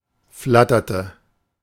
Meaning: inflection of flattern: 1. first/third-person singular preterite 2. first/third-person singular subjunctive II
- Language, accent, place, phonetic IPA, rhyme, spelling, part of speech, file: German, Germany, Berlin, [ˈflatɐtə], -atɐtə, flatterte, verb, De-flatterte.ogg